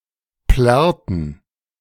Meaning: inflection of plärren: 1. first/third-person plural preterite 2. first/third-person plural subjunctive II
- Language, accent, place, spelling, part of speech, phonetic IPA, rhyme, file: German, Germany, Berlin, plärrten, verb, [ˈplɛʁtn̩], -ɛʁtn̩, De-plärrten.ogg